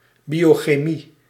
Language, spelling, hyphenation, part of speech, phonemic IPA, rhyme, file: Dutch, biochemie, bio‧che‧mie, noun, /ˌbioːxeːˈmi/, -i, Nl-biochemie.ogg
- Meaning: biochemistry, the branch of chemistry studying compounds that occur in living organisms and the processes occurring in their metabolism and catabolism